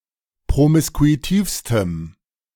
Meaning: strong dative masculine/neuter singular superlative degree of promiskuitiv
- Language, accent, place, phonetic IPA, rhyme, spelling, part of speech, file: German, Germany, Berlin, [pʁomɪskuiˈtiːfstəm], -iːfstəm, promiskuitivstem, adjective, De-promiskuitivstem.ogg